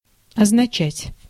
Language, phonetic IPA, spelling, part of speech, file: Russian, [ɐznɐˈt͡ɕætʲ], означать, verb, Ru-означать.ogg
- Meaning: 1. to mean, to signify 2. to stand for, to represent, to betoken, to denote